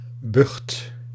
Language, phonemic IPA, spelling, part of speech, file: Dutch, /bʏxt/, bucht, noun, Nl-bucht.ogg
- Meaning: 1. junk 2. disgusting drink, trash, rubbish 3. pests, weed